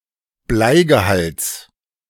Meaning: genitive singular of Bleigehalt
- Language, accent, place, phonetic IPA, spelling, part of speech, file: German, Germany, Berlin, [ˈblaɪ̯ɡəˌhalt͡s], Bleigehalts, noun, De-Bleigehalts.ogg